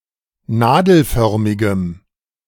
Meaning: strong dative masculine/neuter singular of nadelförmig
- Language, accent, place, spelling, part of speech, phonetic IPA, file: German, Germany, Berlin, nadelförmigem, adjective, [ˈnaːdl̩ˌfœʁmɪɡəm], De-nadelförmigem.ogg